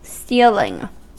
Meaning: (noun) 1. The action of the verb to steal, theft 2. That which is stolen; stolen property; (verb) present participle and gerund of steal
- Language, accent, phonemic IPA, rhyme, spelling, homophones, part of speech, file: English, US, /ˈstiːlɪŋ/, -iːlɪŋ, stealing, steeling, noun / verb, En-us-stealing.ogg